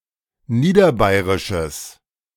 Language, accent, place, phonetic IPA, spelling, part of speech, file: German, Germany, Berlin, [ˈniːdɐˌbaɪ̯ʁɪʃəs], niederbayrisches, adjective, De-niederbayrisches.ogg
- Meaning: strong/mixed nominative/accusative neuter singular of niederbayrisch